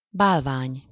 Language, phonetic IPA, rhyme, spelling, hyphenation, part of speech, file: Hungarian, [ˈbaːlvaːɲ], -aːɲ, bálvány, bál‧vány, noun, Hu-bálvány.ogg
- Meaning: idol, image, fetish